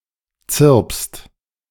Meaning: second-person singular present of zirpen
- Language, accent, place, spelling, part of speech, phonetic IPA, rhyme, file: German, Germany, Berlin, zirpst, verb, [t͡sɪʁpst], -ɪʁpst, De-zirpst.ogg